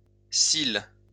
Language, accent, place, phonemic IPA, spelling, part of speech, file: French, France, Lyon, /sil/, cils, noun, LL-Q150 (fra)-cils.wav
- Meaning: plural of cil